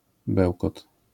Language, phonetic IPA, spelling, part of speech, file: Polish, [ˈbɛwkɔt], bełkot, noun, LL-Q809 (pol)-bełkot.wav